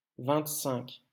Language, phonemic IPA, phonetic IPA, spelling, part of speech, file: French, /vɛ̃t.sɛ̃k/, [vɛnt.sɛŋk], vingt-cinq, numeral, LL-Q150 (fra)-vingt-cinq.wav
- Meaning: twenty-five